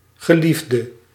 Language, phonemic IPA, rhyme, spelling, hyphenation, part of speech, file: Dutch, /ɣəˈlif.də/, -ifdə, geliefde, ge‧lief‧de, noun / adjective / verb, Nl-geliefde.ogg
- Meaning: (noun) loved one; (adjective) inflection of geliefd: 1. masculine/feminine singular attributive 2. definite neuter singular attributive 3. plural attributive